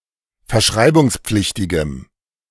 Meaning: strong dative masculine/neuter singular of verschreibungspflichtig
- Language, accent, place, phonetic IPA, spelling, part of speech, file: German, Germany, Berlin, [fɛɐ̯ˈʃʁaɪ̯bʊŋsˌp͡flɪçtɪɡəm], verschreibungspflichtigem, adjective, De-verschreibungspflichtigem.ogg